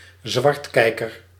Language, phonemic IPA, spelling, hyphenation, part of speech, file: Dutch, /ˈzʋɑrtˌkɛi̯.kər/, zwartkijker, zwart‧kij‧ker, noun, Nl-zwartkijker.ogg
- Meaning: 1. someone who owns a television but does not pay television tax 2. someone who watches unfree content without paying 3. pessimist